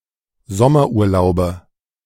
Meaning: nominative/accusative/genitive plural of Sommerurlaub
- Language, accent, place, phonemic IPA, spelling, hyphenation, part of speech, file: German, Germany, Berlin, /ˈzɔmɐʔuːɐ̯ˌlaʊ̯bə/, Sommerurlaube, Som‧mer‧ur‧lau‧be, noun, De-Sommerurlaube.ogg